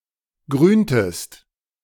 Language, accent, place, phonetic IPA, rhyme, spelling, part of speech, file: German, Germany, Berlin, [ˈɡʁyːntəst], -yːntəst, grüntest, verb, De-grüntest.ogg
- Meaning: inflection of grünen: 1. second-person singular preterite 2. second-person singular subjunctive II